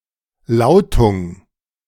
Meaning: pronunciation
- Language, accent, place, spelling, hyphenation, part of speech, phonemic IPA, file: German, Germany, Berlin, Lautung, Lau‧tung, noun, /ˈlaʊ̯tʊŋ/, De-Lautung.ogg